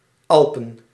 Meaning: the Alps (a mountain range in Western Europe)
- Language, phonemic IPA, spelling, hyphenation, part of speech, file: Dutch, /ˈɑl.pə(n)/, Alpen, Al‧pen, proper noun, Nl-Alpen.ogg